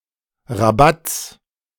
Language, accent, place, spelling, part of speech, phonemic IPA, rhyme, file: German, Germany, Berlin, Rabatts, noun, /ʁaˈbats/, -ats, De-Rabatts.ogg
- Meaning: genitive singular of Rabatt